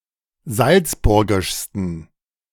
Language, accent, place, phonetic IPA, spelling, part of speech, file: German, Germany, Berlin, [ˈzalt͡sˌbʊʁɡɪʃstn̩], salzburgischsten, adjective, De-salzburgischsten.ogg
- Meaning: 1. superlative degree of salzburgisch 2. inflection of salzburgisch: strong genitive masculine/neuter singular superlative degree